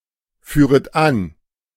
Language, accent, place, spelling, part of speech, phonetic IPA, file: German, Germany, Berlin, führet an, verb, [ˌfyːʁət ˈan], De-führet an.ogg
- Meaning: second-person plural subjunctive I of anführen